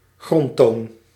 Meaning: 1. fundamental frequency 2. keynote 3. the main subject of a poem, talk, etc 4. the main colour of a painting
- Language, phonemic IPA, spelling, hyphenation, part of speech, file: Dutch, /ˈɣrɔntoːn/, grondtoon, grond‧toon, noun, Nl-grondtoon.ogg